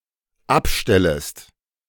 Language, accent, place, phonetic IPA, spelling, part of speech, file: German, Germany, Berlin, [ˈapˌʃtɛləst], abstellest, verb, De-abstellest.ogg
- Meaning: second-person singular dependent subjunctive I of abstellen